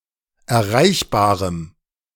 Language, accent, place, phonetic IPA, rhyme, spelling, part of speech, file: German, Germany, Berlin, [ɛɐ̯ˈʁaɪ̯çbaːʁəm], -aɪ̯çbaːʁəm, erreichbarem, adjective, De-erreichbarem.ogg
- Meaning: strong dative masculine/neuter singular of erreichbar